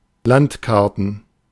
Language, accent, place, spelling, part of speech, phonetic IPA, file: German, Germany, Berlin, Landkarten, noun, [ˈlantˌkaʁtn̩], De-Landkarten.ogg
- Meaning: plural of Landkarte